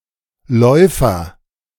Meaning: 1. agent noun of laufen: runner, walker (someone who runs or walks) 2. runner (strip of fabric; narrow long carpet) 3. bishop 4. ground beetle (Carabidae)
- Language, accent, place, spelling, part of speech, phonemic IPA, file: German, Germany, Berlin, Läufer, noun, /ˈlɔʏ̯fɐ/, De-Läufer.ogg